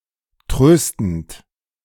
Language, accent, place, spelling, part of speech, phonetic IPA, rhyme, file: German, Germany, Berlin, tröstend, verb, [ˈtʁøːstn̩t], -øːstn̩t, De-tröstend.ogg
- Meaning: present participle of trösten